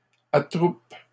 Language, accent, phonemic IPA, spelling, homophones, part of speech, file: French, Canada, /a.tʁup/, attroupe, attroupent / attroupes, verb, LL-Q150 (fra)-attroupe.wav
- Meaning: inflection of attrouper: 1. first/third-person singular present indicative/subjunctive 2. second-person singular imperative